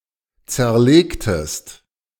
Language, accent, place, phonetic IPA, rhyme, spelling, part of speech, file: German, Germany, Berlin, [ˌt͡sɛɐ̯ˈleːktəst], -eːktəst, zerlegtest, verb, De-zerlegtest.ogg
- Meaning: inflection of zerlegen: 1. second-person singular preterite 2. second-person singular subjunctive II